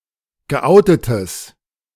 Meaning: strong/mixed nominative/accusative neuter singular of geoutet
- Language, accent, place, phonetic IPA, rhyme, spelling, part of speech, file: German, Germany, Berlin, [ɡəˈʔaʊ̯tətəs], -aʊ̯tətəs, geoutetes, adjective, De-geoutetes.ogg